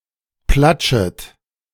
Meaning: second-person plural subjunctive I of platschen
- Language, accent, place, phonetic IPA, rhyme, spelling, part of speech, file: German, Germany, Berlin, [ˈplat͡ʃət], -at͡ʃət, platschet, verb, De-platschet.ogg